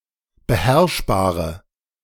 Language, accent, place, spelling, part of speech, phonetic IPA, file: German, Germany, Berlin, beherrschbare, adjective, [bəˈhɛʁʃbaːʁə], De-beherrschbare.ogg
- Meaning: inflection of beherrschbar: 1. strong/mixed nominative/accusative feminine singular 2. strong nominative/accusative plural 3. weak nominative all-gender singular